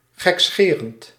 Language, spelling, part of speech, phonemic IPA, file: Dutch, gekscherend, verb / adjective, /xɛkˈsxerənt/, Nl-gekscherend.ogg
- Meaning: present participle of gekscheren